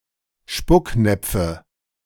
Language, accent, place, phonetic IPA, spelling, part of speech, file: German, Germany, Berlin, [ˈʃpʊkˌnɛp͡fə], Spucknäpfe, noun, De-Spucknäpfe.ogg
- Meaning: nominative/accusative/genitive plural of Spucknapf